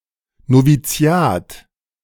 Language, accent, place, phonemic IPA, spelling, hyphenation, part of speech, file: German, Germany, Berlin, /noviˈt͡si̯aːt/, Noviziat, No‧vi‧zi‧at, noun, De-Noviziat.ogg
- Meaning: novitiate